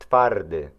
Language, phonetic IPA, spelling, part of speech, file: Polish, [ˈtfardɨ], twardy, adjective, Pl-twardy.ogg